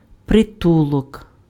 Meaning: asylum (place of safety)
- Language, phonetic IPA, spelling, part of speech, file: Ukrainian, [preˈtuɫɔk], притулок, noun, Uk-притулок.ogg